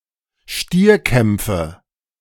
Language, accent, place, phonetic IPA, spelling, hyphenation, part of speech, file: German, Germany, Berlin, [ˈʃtiːɐ̯ˌkɛmp͡fə], Stierkämpfe, Stier‧kämp‧fe, noun, De-Stierkämpfe.ogg
- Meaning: nominative/accusative/genitive plural of Stierkampf